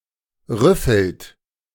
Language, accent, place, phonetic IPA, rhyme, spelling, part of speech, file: German, Germany, Berlin, [ˈʁʏfl̩t], -ʏfl̩t, rüffelt, verb, De-rüffelt.ogg
- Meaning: inflection of rüffeln: 1. third-person singular present 2. second-person plural present 3. plural imperative